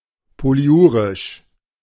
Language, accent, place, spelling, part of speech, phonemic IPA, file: German, Germany, Berlin, polyurisch, adjective, /poliˈʔuːʁɪʃ/, De-polyurisch.ogg
- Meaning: polyuric